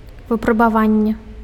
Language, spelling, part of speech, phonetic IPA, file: Belarusian, выпрабаванне, noun, [vɨprabaˈvanʲːe], Be-выпрабаванне.ogg
- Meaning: experience, trial, tribulation